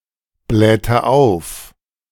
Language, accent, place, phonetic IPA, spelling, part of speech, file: German, Germany, Berlin, [ˌblɛːtə ˈaʊ̯f], blähte auf, verb, De-blähte auf.ogg
- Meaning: inflection of aufblähen: 1. first/third-person singular preterite 2. first/third-person singular subjunctive II